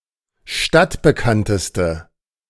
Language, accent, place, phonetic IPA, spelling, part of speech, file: German, Germany, Berlin, [ˈʃtatbəˌkantəstə], stadtbekannteste, adjective, De-stadtbekannteste.ogg
- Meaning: inflection of stadtbekannt: 1. strong/mixed nominative/accusative feminine singular superlative degree 2. strong nominative/accusative plural superlative degree